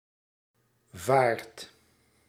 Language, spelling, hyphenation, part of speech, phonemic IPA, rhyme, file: Dutch, vaart, vaart, noun / verb, /vaːrt/, -aːrt, Nl-vaart.ogg
- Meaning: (noun) 1. voyage (by boat), navigation 2. speed, momentum, rate 3. canal, waterway; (verb) inflection of varen: 1. second/third-person singular present indicative 2. plural imperative